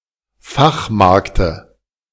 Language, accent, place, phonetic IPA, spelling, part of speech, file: German, Germany, Berlin, [ˈfaxˌmaʁktə], Fachmarkte, noun, De-Fachmarkte.ogg
- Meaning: dative singular of Fachmarkt